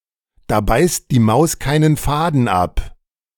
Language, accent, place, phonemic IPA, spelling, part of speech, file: German, Germany, Berlin, /daː ˈbaɪ̯st di ˈmaʊ̯s kaɪ̯n(ən)ˈfaːdən ˈap/, da beißt die Maus keinen Faden ab, phrase, De-da beißt die Maus keinen Faden ab.ogg
- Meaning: nothing can be done about it, it is inevitable